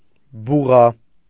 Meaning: bull
- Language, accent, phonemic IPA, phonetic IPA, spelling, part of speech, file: Armenian, Eastern Armenian, /buˈʁɑ/, [buʁɑ́], բուղա, noun, Hy-բուղա.ogg